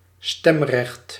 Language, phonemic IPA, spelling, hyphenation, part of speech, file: Dutch, /ˈstɛm.rɛxt/, stemrecht, stem‧recht, noun, Nl-stemrecht.ogg
- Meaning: the right to vote, suffrage